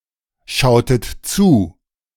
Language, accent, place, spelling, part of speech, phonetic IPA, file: German, Germany, Berlin, schautet zu, verb, [ˌʃaʊ̯tət ˈt͡suː], De-schautet zu.ogg
- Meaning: inflection of zuschauen: 1. second-person plural preterite 2. second-person plural subjunctive II